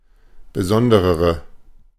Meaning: inflection of besondere: 1. strong/mixed nominative/accusative feminine singular comparative degree 2. strong nominative/accusative plural comparative degree
- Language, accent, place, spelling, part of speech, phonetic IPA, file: German, Germany, Berlin, besonderere, adjective, [bəˈzɔndəʁəʁə], De-besonderere.ogg